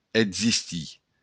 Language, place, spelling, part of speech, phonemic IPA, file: Occitan, Béarn, existir, verb, /edzisˈti/, LL-Q14185 (oci)-existir.wav
- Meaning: to exist